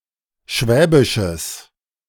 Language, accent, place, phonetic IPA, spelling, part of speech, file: German, Germany, Berlin, [ˈʃvɛːbɪʃəs], schwäbisches, adjective, De-schwäbisches.ogg
- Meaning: strong/mixed nominative/accusative neuter singular of schwäbisch